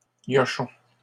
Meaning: plural of gnochon
- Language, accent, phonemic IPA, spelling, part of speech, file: French, Canada, /ɲɔ.ʃɔ̃/, gnochons, noun, LL-Q150 (fra)-gnochons.wav